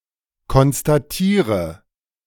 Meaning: inflection of konstatieren: 1. first-person singular present 2. first/third-person singular subjunctive I 3. singular imperative
- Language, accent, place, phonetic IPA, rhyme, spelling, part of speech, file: German, Germany, Berlin, [kɔnstaˈtiːʁə], -iːʁə, konstatiere, verb, De-konstatiere.ogg